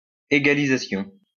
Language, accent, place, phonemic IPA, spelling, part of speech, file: French, France, Lyon, /e.ɡa.li.za.sjɔ̃/, égalisation, noun, LL-Q150 (fra)-égalisation.wav
- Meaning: 1. equalization (act of equalizing) 2. equalizer